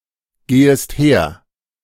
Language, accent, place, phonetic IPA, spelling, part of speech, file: German, Germany, Berlin, [ˌɡeːəst ˈheːɐ̯], gehest her, verb, De-gehest her.ogg
- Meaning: second-person singular subjunctive I of hergehen